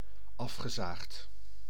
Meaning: mundane, commonplace, trite
- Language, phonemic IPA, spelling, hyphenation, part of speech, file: Dutch, /ˈɑf.xəˌzaːxt/, afgezaagd, af‧ge‧zaagd, adjective, Nl-afgezaagd.ogg